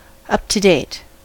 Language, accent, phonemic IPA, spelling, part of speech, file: English, US, /ˌʌp tə ˈdeɪt/, up-to-date, adjective, En-us-up-to-date.ogg
- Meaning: 1. Current; recent; the latest 2. Informed about the latest news or developments; abreast